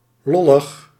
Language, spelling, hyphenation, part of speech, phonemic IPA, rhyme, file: Dutch, lollig, lol‧lig, adjective, /ˈlɔ.ləx/, -ɔləx, Nl-lollig.ogg
- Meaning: funny, jolly